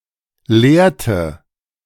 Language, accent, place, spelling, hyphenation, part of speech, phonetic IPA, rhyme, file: German, Germany, Berlin, leerte, leer‧te, verb, [ˈleːɐ̯tə], -eːɐ̯tə, De-leerte.ogg
- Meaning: inflection of leeren: 1. first/third-person singular preterite 2. first/third-person singular subjunctive II